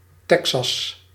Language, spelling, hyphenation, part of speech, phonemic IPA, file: Dutch, Texas, Te‧xas, proper noun, /ˈtɛk.sɑs/, Nl-Texas.ogg
- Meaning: Texas (a state in the south-central region of the United States)